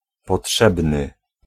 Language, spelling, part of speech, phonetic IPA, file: Polish, potrzebny, adjective, [pɔˈṭʃɛbnɨ], Pl-potrzebny.ogg